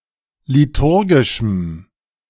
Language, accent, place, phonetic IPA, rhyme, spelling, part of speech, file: German, Germany, Berlin, [liˈtʊʁɡɪʃm̩], -ʊʁɡɪʃm̩, liturgischem, adjective, De-liturgischem.ogg
- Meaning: strong dative masculine/neuter singular of liturgisch